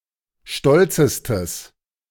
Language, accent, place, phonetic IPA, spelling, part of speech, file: German, Germany, Berlin, [ˈʃtɔlt͡səstəs], stolzestes, adjective, De-stolzestes.ogg
- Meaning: strong/mixed nominative/accusative neuter singular superlative degree of stolz